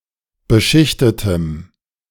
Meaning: strong dative masculine/neuter singular of beschichtet
- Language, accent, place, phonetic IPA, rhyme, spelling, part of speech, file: German, Germany, Berlin, [bəˈʃɪçtətəm], -ɪçtətəm, beschichtetem, adjective, De-beschichtetem.ogg